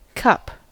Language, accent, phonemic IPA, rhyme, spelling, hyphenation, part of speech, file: English, General American, /ˈkʌp/, -ʌp, cup, cup, noun / verb, En-us-cup.ogg
- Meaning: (noun) 1. A concave vessel for drinking, usually made of opaque material (as opposed to a glass) and with a handle 2. The contents of said vessel